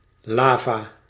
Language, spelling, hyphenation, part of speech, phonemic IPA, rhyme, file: Dutch, lava, la‧va, noun, /ˈlaː.vaː/, -aːvaː, Nl-lava.ogg
- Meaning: lava